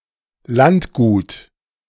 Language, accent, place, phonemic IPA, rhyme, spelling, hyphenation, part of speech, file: German, Germany, Berlin, /ˈlantˌɡuːt/, -uːt, Landgut, Land‧gut, noun, De-Landgut.ogg
- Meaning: country estate, manor, demesne